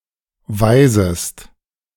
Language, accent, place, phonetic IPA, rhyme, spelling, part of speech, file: German, Germany, Berlin, [ˈvaɪ̯zəst], -aɪ̯zəst, weisest, verb, De-weisest.ogg
- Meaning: second-person singular subjunctive I of weisen